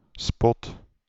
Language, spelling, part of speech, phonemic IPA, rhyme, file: Dutch, spot, noun, /spɔt/, -ɔt, Nl-spot.ogg
- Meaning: 1. mockery 2. spot; a spotlight 3. spot; a brief segment on television